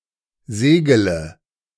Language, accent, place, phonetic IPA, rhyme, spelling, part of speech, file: German, Germany, Berlin, [ˈzeːɡələ], -eːɡələ, segele, verb, De-segele.ogg
- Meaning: inflection of segeln: 1. first-person singular present 2. singular imperative 3. first/third-person singular subjunctive I